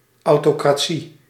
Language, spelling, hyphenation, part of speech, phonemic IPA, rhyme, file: Dutch, autocratie, au‧to‧cra‧tie, noun, /ˌɑu̯.toː.kraːˈ(t)si/, -i, Nl-autocratie.ogg
- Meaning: autocracy